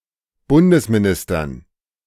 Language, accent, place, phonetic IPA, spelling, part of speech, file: German, Germany, Berlin, [ˈbʊndəsmiˌnɪstɐn], Bundesministern, noun, De-Bundesministern.ogg
- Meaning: dative plural of Bundesminister